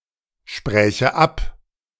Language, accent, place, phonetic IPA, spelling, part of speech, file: German, Germany, Berlin, [ˌʃpʁɛːçə ˈap], spräche ab, verb, De-spräche ab.ogg
- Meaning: first/third-person singular subjunctive II of absprechen